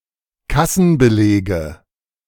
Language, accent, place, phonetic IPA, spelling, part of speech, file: German, Germany, Berlin, [ˈkasn̩bəˌleːɡə], Kassenbelege, noun, De-Kassenbelege.ogg
- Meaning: nominative/accusative/genitive plural of Kassenbeleg